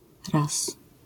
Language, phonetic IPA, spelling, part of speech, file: Polish, [ras], ras, noun, LL-Q809 (pol)-ras.wav